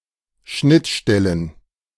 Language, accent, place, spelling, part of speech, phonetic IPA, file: German, Germany, Berlin, Schnittstellen, noun, [ˈʃnɪtˌʃtɛlən], De-Schnittstellen.ogg
- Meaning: genitive singular of Schnittstelle